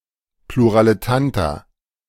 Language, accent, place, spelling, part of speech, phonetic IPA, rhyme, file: German, Germany, Berlin, Pluraletanta, noun, [pluʁaːləˈtanta], -anta, De-Pluraletanta.ogg
- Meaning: plural of Pluraletantum